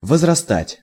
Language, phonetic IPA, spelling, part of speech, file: Russian, [vəzrɐˈstatʲ], возрастать, verb, Ru-возрастать.ogg
- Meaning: 1. to grow up 2. to increase, to rise